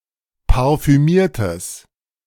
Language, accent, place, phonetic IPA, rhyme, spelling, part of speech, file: German, Germany, Berlin, [paʁfyˈmiːɐ̯təs], -iːɐ̯təs, parfümiertes, adjective, De-parfümiertes.ogg
- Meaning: strong/mixed nominative/accusative neuter singular of parfümiert